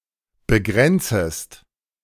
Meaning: second-person singular subjunctive I of begrenzen
- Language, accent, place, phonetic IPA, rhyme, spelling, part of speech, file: German, Germany, Berlin, [bəˈɡʁɛnt͡səst], -ɛnt͡səst, begrenzest, verb, De-begrenzest.ogg